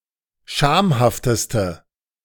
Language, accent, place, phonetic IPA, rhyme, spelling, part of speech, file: German, Germany, Berlin, [ˈʃaːmhaftəstə], -aːmhaftəstə, schamhafteste, adjective, De-schamhafteste.ogg
- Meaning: inflection of schamhaft: 1. strong/mixed nominative/accusative feminine singular superlative degree 2. strong nominative/accusative plural superlative degree